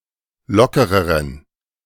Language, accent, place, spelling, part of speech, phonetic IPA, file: German, Germany, Berlin, lockereren, adjective, [ˈlɔkəʁəʁən], De-lockereren.ogg
- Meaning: inflection of locker: 1. strong genitive masculine/neuter singular comparative degree 2. weak/mixed genitive/dative all-gender singular comparative degree